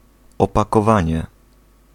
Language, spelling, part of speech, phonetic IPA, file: Polish, opakowanie, noun, [ˌɔpakɔˈvãɲɛ], Pl-opakowanie.ogg